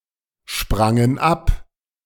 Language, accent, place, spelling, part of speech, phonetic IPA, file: German, Germany, Berlin, sprangen ab, verb, [ˌʃpʁaŋən ˈap], De-sprangen ab.ogg
- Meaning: first/third-person plural preterite of abspringen